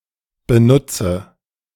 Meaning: 1. inflection of benutzen 2. inflection of benutzen: first-person singular present 3. inflection of benutzen: first/third-person singular subjunctive I 4. inflection of benutzen: singular imperative
- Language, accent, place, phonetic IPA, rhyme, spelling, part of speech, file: German, Germany, Berlin, [bəˈnʊt͡sə], -ʊt͡sə, benutze, verb, De-benutze.ogg